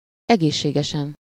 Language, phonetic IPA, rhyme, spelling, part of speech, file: Hungarian, [ˈɛɡeːʃːeːɡɛʃɛn], -ɛn, egészségesen, adverb / adjective, Hu-egészségesen.ogg
- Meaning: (adverb) healthily; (adjective) superessive singular of egészséges